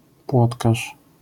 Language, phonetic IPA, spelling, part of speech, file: Polish, [ˈpwɔtkaʃ], płotkarz, noun, LL-Q809 (pol)-płotkarz.wav